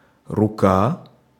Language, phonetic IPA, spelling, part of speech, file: Russian, [rʊˈka], рука, noun, Ru-рука.ogg
- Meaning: 1. hand 2. arm